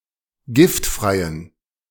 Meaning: inflection of giftfrei: 1. strong genitive masculine/neuter singular 2. weak/mixed genitive/dative all-gender singular 3. strong/weak/mixed accusative masculine singular 4. strong dative plural
- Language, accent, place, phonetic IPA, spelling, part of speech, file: German, Germany, Berlin, [ˈɡɪftˌfʁaɪ̯ən], giftfreien, adjective, De-giftfreien.ogg